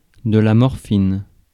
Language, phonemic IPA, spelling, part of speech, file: French, /mɔʁ.fin/, morphine, noun, Fr-morphine.ogg
- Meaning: morphine